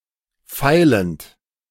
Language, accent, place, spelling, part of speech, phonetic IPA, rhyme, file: German, Germany, Berlin, feilend, verb, [ˈfaɪ̯lənt], -aɪ̯lənt, De-feilend.ogg
- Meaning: present participle of feilen